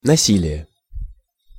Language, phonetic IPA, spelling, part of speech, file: Russian, [nɐˈsʲilʲɪje], насилие, noun, Ru-насилие.ogg
- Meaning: 1. violence, force, coercion 2. rape